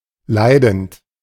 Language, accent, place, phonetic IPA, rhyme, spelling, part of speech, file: German, Germany, Berlin, [ˈlaɪ̯dn̩t], -aɪ̯dn̩t, leidend, verb, De-leidend.ogg
- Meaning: present participle of leiden